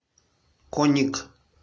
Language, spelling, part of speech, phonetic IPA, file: Russian, коник, noun, [ˈkonʲɪk], Ru-коник.ogg
- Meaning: diminutive of конь (konʹ): (little) horse, horsy